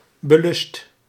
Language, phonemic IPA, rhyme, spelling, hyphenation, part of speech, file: Dutch, /bəˈlʏst/, -ʏst, belust, be‧lust, adjective, Nl-belust.ogg
- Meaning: eager, desiring